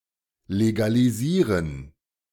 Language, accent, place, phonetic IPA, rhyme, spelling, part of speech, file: German, Germany, Berlin, [leɡaliˈziːʁən], -iːʁən, legalisieren, verb, De-legalisieren.ogg
- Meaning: to legalize